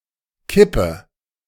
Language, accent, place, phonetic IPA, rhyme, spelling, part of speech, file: German, Germany, Berlin, [ˈkɪpə], -ɪpə, kippe, verb, De-kippe.ogg
- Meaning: inflection of kippen: 1. first-person singular present 2. first/third-person singular subjunctive I 3. singular imperative